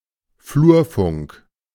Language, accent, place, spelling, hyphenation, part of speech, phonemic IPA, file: German, Germany, Berlin, Flurfunk, Flur‧funk, noun, /ˈfluːɐ̯ˌfʊŋk/, De-Flurfunk.ogg
- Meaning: gossip network, rumor mill, grapevine (Informal person-to-person means of circulating information, particularly in companies and institutions.)